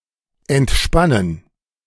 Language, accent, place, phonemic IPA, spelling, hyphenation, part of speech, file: German, Germany, Berlin, /ʔɛntˈʃpanən/, entspannen, ent‧span‧nen, verb, De-entspannen.ogg
- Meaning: to relax